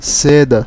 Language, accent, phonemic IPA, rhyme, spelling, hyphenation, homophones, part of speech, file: Portuguese, Brazil, /ˈse.dɐ/, -edɐ, seda, se‧da, ceda, noun, Pt-br-seda.ogg
- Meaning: 1. silk (a type of fiber) 2. a piece of silken cloth or silken clothes 3. rolling paper for marijuana cigarettes